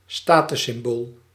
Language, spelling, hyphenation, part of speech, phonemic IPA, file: Dutch, statussymbool, sta‧tus‧sym‧bool, noun, /ˈstaː.tʏ(s).sɪmˌboːl/, Nl-statussymbool.ogg
- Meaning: status symbol